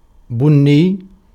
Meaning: brown, coffee-colored
- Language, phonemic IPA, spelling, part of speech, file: Arabic, /bun.nijj/, بني, adjective, Ar-بني.ogg